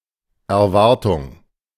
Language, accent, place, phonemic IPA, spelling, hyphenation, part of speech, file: German, Germany, Berlin, /ɛɐ̯ˈvaʁtʊŋ(k)/, Erwartung, Er‧war‧tung, noun, De-Erwartung.ogg
- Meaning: expectation, expectancy